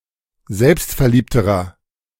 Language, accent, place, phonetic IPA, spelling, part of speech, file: German, Germany, Berlin, [ˈzɛlpstfɛɐ̯ˌliːptəʁɐ], selbstverliebterer, adjective, De-selbstverliebterer.ogg
- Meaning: inflection of selbstverliebt: 1. strong/mixed nominative masculine singular comparative degree 2. strong genitive/dative feminine singular comparative degree